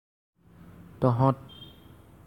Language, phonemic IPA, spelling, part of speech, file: Assamese, /tɔɦɔ̃t/, তহঁত, pronoun, As-তহঁত.ogg
- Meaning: you (plural; very familiar, inferior)